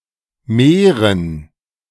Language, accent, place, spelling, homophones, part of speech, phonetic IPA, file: German, Germany, Berlin, Meeren, mehren, noun, [ˈmeːʁən], De-Meeren.ogg
- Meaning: dative plural of Meer